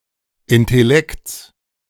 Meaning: genitive singular of Intellekt
- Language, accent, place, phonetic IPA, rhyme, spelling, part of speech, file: German, Germany, Berlin, [ɪntɛˈlɛkt͡s], -ɛkt͡s, Intellekts, noun, De-Intellekts.ogg